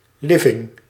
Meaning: living room
- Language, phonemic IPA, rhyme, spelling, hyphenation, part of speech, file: Dutch, /ˈlɪ.vɪŋ/, -ɪvɪŋ, living, li‧ving, noun, Nl-living.ogg